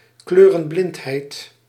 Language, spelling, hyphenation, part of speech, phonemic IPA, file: Dutch, kleurenblindheid, kleu‧ren‧blind‧heid, noun, /ˈkløː.rə(n)ˌblɪnt.ɦɛi̯t/, Nl-kleurenblindheid.ogg
- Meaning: colour blindness